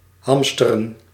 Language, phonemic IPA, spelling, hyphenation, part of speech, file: Dutch, /ˈɦɑm.stə.rə(n)/, hamsteren, ham‧ste‧ren, verb, Nl-hamsteren.ogg
- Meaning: to hoard (e.g. food, supplies), typically for emergencies